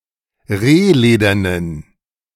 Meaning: inflection of rehledern: 1. strong genitive masculine/neuter singular 2. weak/mixed genitive/dative all-gender singular 3. strong/weak/mixed accusative masculine singular 4. strong dative plural
- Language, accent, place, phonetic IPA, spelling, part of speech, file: German, Germany, Berlin, [ˈʁeːˌleːdɐnən], rehledernen, adjective, De-rehledernen.ogg